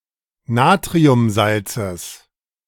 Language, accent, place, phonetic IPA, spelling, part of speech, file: German, Germany, Berlin, [ˈnaːtʁiʊmˌzalt͡səs], Natriumsalzes, noun, De-Natriumsalzes.ogg
- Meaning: genitive singular of Natriumsalz